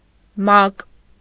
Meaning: acronym of Միավորված ազգերի կազմակերպություն (Miavorvac azgeri kazmakerputʻyun): UN, UNO
- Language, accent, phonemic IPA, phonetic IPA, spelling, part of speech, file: Armenian, Eastern Armenian, /mɑk/, [mɑk], ՄԱԿ, proper noun, Hy-ՄԱԿ.ogg